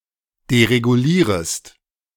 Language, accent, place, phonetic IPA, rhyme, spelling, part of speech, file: German, Germany, Berlin, [deʁeɡuˈliːʁəst], -iːʁəst, deregulierest, verb, De-deregulierest.ogg
- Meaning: second-person singular subjunctive I of deregulieren